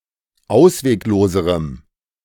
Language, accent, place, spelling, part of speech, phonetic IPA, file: German, Germany, Berlin, auswegloserem, adjective, [ˈaʊ̯sveːkˌloːzəʁəm], De-auswegloserem.ogg
- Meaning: strong dative masculine/neuter singular comparative degree of ausweglos